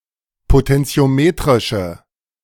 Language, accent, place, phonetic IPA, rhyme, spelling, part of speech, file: German, Germany, Berlin, [potɛnt͡si̯oˈmeːtʁɪʃə], -eːtʁɪʃə, potentiometrische, adjective, De-potentiometrische.ogg
- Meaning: inflection of potentiometrisch: 1. strong/mixed nominative/accusative feminine singular 2. strong nominative/accusative plural 3. weak nominative all-gender singular